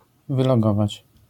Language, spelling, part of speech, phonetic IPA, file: Polish, wylogować, verb, [ˌvɨlɔˈɡɔvat͡ɕ], LL-Q809 (pol)-wylogować.wav